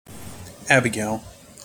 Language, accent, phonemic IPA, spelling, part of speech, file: English, General American, /ˈæb.ə.ɡeɪl/, Abigail, proper noun, En-us-Abigail.mp3
- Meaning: 1. The wife of Nabal and later of David in the Old Testament 2. A female given name from Hebrew, used since the 16th century, and currently quite popular